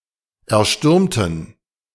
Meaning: inflection of erstürmen: 1. first/third-person plural preterite 2. first/third-person plural subjunctive II
- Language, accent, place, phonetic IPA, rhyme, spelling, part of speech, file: German, Germany, Berlin, [ɛɐ̯ˈʃtʏʁmtn̩], -ʏʁmtn̩, erstürmten, adjective / verb, De-erstürmten.ogg